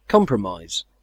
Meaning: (noun) 1. The settlement of differences by arbitration or by consent reached by mutual concessions 2. A committal to something derogatory or objectionable; a prejudicial concession; a surrender
- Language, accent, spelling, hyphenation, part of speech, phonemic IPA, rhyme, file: English, UK, compromise, com‧pro‧mise, noun / verb, /ˈkɒmpɹəˌmaɪz/, -aɪz, En-uk-compromise.ogg